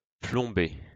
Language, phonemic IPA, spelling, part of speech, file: French, /plɔ̃.be/, plomber, verb, LL-Q150 (fra)-plomber.wav
- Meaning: 1. to fill with lead, to weigh down with lead 2. to become a burden, to weigh down